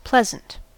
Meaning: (adjective) 1. Giving pleasure; pleasing in manner 2. Facetious, joking; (noun) A wit; a humorist; a buffoon
- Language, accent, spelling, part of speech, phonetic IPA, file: English, US, pleasant, adjective / noun, [ˈplɛz.n̩t], En-us-pleasant.ogg